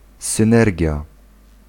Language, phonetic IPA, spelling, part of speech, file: Polish, [sɨ̃ˈnɛrʲɟja], synergia, noun, Pl-synergia.ogg